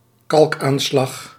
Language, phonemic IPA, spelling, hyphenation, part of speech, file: Dutch, /ˈkɑlk.aːnˌslɑx/, kalkaanslag, kalk‧aan‧slag, noun, Nl-kalkaanslag.ogg
- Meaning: limescale